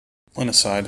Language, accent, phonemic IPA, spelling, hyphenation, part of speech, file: English, General American, /ˈklɪnɪˌsaɪd/, clinicide, cli‧ni‧cide, noun, En-us-clinicide.mp3
- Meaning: The deliberate killing of a patient in the course of medical treatment